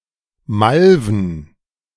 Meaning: plural of Malve
- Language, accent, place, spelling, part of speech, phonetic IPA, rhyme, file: German, Germany, Berlin, Malven, noun, [ˈmalvn̩], -alvn̩, De-Malven.ogg